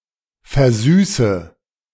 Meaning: inflection of versüßen: 1. first-person singular present 2. first/third-person singular subjunctive I 3. singular imperative
- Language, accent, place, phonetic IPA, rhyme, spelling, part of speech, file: German, Germany, Berlin, [fɛɐ̯ˈzyːsə], -yːsə, versüße, verb, De-versüße.ogg